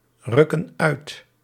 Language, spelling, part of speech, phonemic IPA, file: Dutch, rukken uit, verb, /ˈrʏkə(n) ˈœyt/, Nl-rukken uit.ogg
- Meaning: inflection of uitrukken: 1. plural present indicative 2. plural present subjunctive